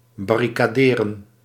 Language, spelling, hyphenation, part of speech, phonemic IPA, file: Dutch, barricaderen, bar‧ri‧ca‧de‧ren, verb, /ˌbɑ.ri.kaːˈdeː.rə(n)/, Nl-barricaderen.ogg
- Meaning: to barricade